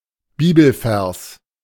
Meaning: bible verse
- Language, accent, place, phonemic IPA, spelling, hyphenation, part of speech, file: German, Germany, Berlin, /ˈbiːbl̩ˌfɛʁs/, Bibelvers, Bi‧bel‧vers, noun, De-Bibelvers.ogg